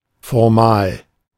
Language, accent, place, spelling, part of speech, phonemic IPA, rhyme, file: German, Germany, Berlin, formal, adjective, /fɔʁˈmaːl/, -aːl, De-formal.ogg
- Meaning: formal (being in accord with established forms)